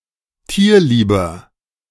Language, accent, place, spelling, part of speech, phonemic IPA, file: German, Germany, Berlin, tierlieber, adjective, /ˈtiːɐ̯ˌliːbɐ/, De-tierlieber.ogg
- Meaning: 1. comparative degree of tierlieb 2. inflection of tierlieb: strong/mixed nominative masculine singular 3. inflection of tierlieb: strong genitive/dative feminine singular